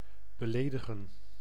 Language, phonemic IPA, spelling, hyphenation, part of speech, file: Dutch, /bəˈleːdəɣə(n)/, beledigen, be‧le‧di‧gen, verb, Nl-beledigen.ogg
- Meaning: to offend